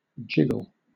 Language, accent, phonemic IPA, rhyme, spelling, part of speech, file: English, Southern England, /ˈd͡ʒɪɡəl/, -ɪɡəl, jiggle, noun / verb, LL-Q1860 (eng)-jiggle.wav
- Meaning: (noun) 1. A relatively weak shaking movement; the condition or state of weakly shaking 2. Titillating depictions of scantily-clad female bodies in motion, especially in action media genres